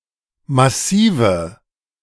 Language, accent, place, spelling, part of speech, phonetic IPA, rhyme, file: German, Germany, Berlin, Massive, noun, [maˈsiːvə], -iːvə, De-Massive.ogg
- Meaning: nominative/accusative/genitive plural of Massiv